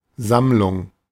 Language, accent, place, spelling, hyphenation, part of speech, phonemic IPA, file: German, Germany, Berlin, Sammlung, Samm‧lung, noun, /ˈzamlʊŋ/, De-Sammlung.ogg
- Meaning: 1. collection 2. raising 3. gathering 4. contemplation, concentration, composure